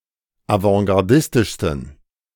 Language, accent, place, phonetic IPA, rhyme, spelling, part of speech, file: German, Germany, Berlin, [avɑ̃ɡaʁˈdɪstɪʃstn̩], -ɪstɪʃstn̩, avantgardistischsten, adjective, De-avantgardistischsten.ogg
- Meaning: 1. superlative degree of avantgardistisch 2. inflection of avantgardistisch: strong genitive masculine/neuter singular superlative degree